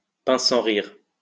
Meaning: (adjective) dry, deadpan; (noun) person with a deadpan sense of humour
- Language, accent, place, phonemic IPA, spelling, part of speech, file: French, France, Lyon, /pɛ̃s.sɑ̃.ʁiʁ/, pince-sans-rire, adjective / noun, LL-Q150 (fra)-pince-sans-rire.wav